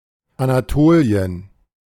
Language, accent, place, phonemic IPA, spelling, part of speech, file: German, Germany, Berlin, /anaˈtoːli̯ən/, Anatolien, proper noun, De-Anatolien.ogg
- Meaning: Anatolia (a region of southwestern Asia)